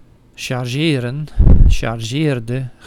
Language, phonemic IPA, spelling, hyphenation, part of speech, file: Dutch, /ˌʃɑrˈʒeː.rə(n)/, chargeren, char‧ge‧ren, verb, Nl-chargeren.ogg
- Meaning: 1. to charge, to attack 2. to exaggerate